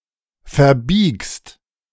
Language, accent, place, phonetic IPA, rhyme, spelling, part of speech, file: German, Germany, Berlin, [fɛɐ̯ˈbiːkst], -iːkst, verbiegst, verb, De-verbiegst.ogg
- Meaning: second-person singular present of verbiegen